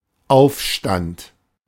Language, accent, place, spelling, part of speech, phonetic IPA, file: German, Germany, Berlin, Aufstand, noun, [ˈaʊ̯fˌʃtant], De-Aufstand.ogg
- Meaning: uprising, insurrection